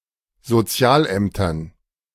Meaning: dative plural of Sozialamt
- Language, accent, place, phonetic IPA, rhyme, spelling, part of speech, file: German, Germany, Berlin, [zoˈt͡si̯aːlˌʔɛmtɐn], -aːlʔɛmtɐn, Sozialämtern, noun, De-Sozialämtern.ogg